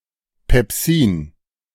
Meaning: pepsin (digestive enzyme)
- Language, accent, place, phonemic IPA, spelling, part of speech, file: German, Germany, Berlin, /pɛpˈsiːn/, Pepsin, noun, De-Pepsin.ogg